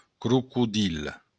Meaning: crocodile
- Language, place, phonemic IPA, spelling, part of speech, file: Occitan, Béarn, /kɾukuˈðil/, crocodil, noun, LL-Q14185 (oci)-crocodil.wav